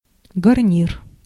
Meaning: garnish, side dish
- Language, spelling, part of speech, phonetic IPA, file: Russian, гарнир, noun, [ɡɐrˈnʲir], Ru-гарнир.ogg